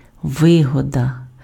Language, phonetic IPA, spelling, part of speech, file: Ukrainian, [ˈʋɪɦɔdɐ], вигода, noun, Uk-вигода.ogg
- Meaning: 1. advantage 2. benefit 3. profit, gain